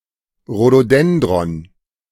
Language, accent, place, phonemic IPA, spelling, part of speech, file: German, Germany, Berlin, /ro.doˈdɛn.drɔn/, Rhododendron, noun, De-Rhododendron.ogg
- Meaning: rhododendron (flowering shrub in the genus Rhododendron)